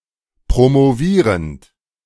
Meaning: present participle of promovieren
- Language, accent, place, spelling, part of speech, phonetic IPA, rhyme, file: German, Germany, Berlin, promovierend, verb, [pʁomoˈviːʁənt], -iːʁənt, De-promovierend.ogg